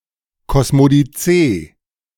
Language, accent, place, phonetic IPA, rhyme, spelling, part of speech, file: German, Germany, Berlin, [kɔsmodiˈt͡seː], -eː, Kosmodizee, noun, De-Kosmodizee.ogg
- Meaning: cosmodicy